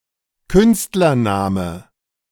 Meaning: pseudonym used by an artist, stage or pen name
- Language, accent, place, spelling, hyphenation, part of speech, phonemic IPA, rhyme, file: German, Germany, Berlin, Künstlername, Künst‧ler‧na‧me, noun, /ˈkʏnstlɐˌnaːmə/, -aːmə, De-Künstlername.ogg